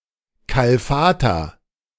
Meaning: inflection of kalfatern: 1. first-person singular present 2. singular imperative
- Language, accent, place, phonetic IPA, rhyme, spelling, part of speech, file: German, Germany, Berlin, [ˌkalˈfaːtɐ], -aːtɐ, kalfater, verb, De-kalfater.ogg